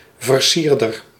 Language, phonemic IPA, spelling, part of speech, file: Dutch, /vərˈsirdər/, versierder, noun, Nl-versierder.ogg
- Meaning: 1. a decorator 2. a male who smoothly picks up dates, such as a womanizer